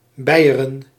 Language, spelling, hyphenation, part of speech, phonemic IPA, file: Dutch, beieren, bei‧e‧ren, verb, /ˈbɛi̯.ə.rə(n)/, Nl-beieren.ogg
- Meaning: to sound (a large bell)